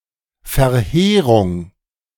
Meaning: devastation
- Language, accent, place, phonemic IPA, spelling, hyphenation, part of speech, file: German, Germany, Berlin, /fɛɐ̯ˈheːʁʊŋ/, Verheerung, Ver‧hee‧rung, noun, De-Verheerung.ogg